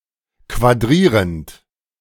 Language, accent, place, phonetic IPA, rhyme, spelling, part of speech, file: German, Germany, Berlin, [kvaˈdʁiːʁənt], -iːʁənt, quadrierend, verb, De-quadrierend.ogg
- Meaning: present participle of quadrieren